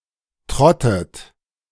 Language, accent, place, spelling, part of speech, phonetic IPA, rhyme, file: German, Germany, Berlin, trottet, verb, [ˈtʁɔtət], -ɔtət, De-trottet.ogg
- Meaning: inflection of trotten: 1. third-person singular present 2. second-person plural present 3. second-person plural subjunctive I 4. plural imperative